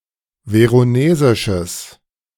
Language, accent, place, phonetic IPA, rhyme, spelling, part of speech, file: German, Germany, Berlin, [ˌveʁoˈneːzɪʃəs], -eːzɪʃəs, veronesisches, adjective, De-veronesisches.ogg
- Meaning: strong/mixed nominative/accusative neuter singular of veronesisch